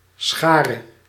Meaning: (noun) crowd; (verb) singular present subjunctive of scharen
- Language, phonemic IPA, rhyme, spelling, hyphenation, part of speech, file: Dutch, /ˈsxaː.rə/, -aːrə, schare, scha‧re, noun / verb, Nl-schare.ogg